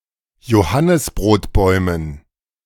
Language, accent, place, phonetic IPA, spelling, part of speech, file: German, Germany, Berlin, [joˈhanɪsbʁoːtˌbɔɪ̯mən], Johannisbrotbäumen, noun, De-Johannisbrotbäumen.ogg
- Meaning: dative plural of Johannisbrotbaum